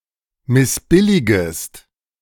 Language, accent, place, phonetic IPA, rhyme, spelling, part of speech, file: German, Germany, Berlin, [mɪsˈbɪlɪɡəst], -ɪlɪɡəst, missbilligest, verb, De-missbilligest.ogg
- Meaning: second-person singular subjunctive I of missbilligen